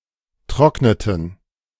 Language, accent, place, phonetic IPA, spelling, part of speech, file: German, Germany, Berlin, [ˈtʁɔknətn̩], trockneten, verb, De-trockneten.ogg
- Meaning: inflection of trocknen: 1. first/third-person plural preterite 2. first/third-person plural subjunctive II